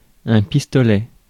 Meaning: 1. gun, pistol 2. spray gun 3. weird person
- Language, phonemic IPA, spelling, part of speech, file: French, /pis.tɔ.lɛ/, pistolet, noun, Fr-pistolet.ogg